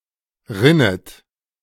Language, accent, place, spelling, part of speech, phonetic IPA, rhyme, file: German, Germany, Berlin, rinnet, verb, [ˈʁɪnət], -ɪnət, De-rinnet.ogg
- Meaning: second-person plural subjunctive I of rinnen